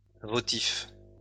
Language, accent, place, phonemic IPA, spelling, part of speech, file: French, France, Lyon, /vɔ.tif/, votif, adjective, LL-Q150 (fra)-votif.wav
- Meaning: votive